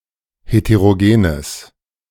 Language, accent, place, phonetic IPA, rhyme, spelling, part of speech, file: German, Germany, Berlin, [heteʁoˈɡeːnəs], -eːnəs, heterogenes, adjective, De-heterogenes.ogg
- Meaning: strong/mixed nominative/accusative neuter singular of heterogen